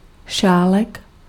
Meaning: cup (vessel for drinking)
- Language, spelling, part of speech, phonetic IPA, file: Czech, šálek, noun, [ˈʃaːlɛk], Cs-šálek.ogg